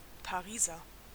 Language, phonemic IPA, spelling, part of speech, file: German, /paˈʁiːzɐ/, Pariser, proper noun / noun, De-Pariser.ogg
- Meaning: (proper noun) Parisian; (noun) Frenchie, condom